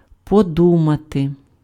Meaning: to think
- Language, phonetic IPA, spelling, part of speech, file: Ukrainian, [poˈdumɐte], подумати, verb, Uk-подумати.ogg